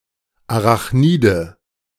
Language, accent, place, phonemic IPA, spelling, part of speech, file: German, Germany, Berlin, /aʁaχˈniːdə/, Arachnide, noun, De-Arachnide.ogg
- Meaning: arachnid